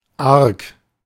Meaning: malice, wickedness, falsehood, deceit
- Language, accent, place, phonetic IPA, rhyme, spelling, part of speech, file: German, Germany, Berlin, [aʁk], -aʁk, Arg, noun, De-Arg.ogg